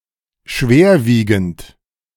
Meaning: grave, severe
- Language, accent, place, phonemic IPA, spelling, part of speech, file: German, Germany, Berlin, /ˈʃveːɐ̯ˌviːɡn̩t/, schwerwiegend, adjective, De-schwerwiegend.ogg